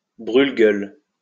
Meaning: a small tobacco pipe
- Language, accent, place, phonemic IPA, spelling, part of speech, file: French, France, Lyon, /bʁyl.ɡœl/, brûle-gueule, noun, LL-Q150 (fra)-brûle-gueule.wav